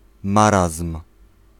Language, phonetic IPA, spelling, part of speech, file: Polish, [ˈmarasm̥], marazm, noun, Pl-marazm.ogg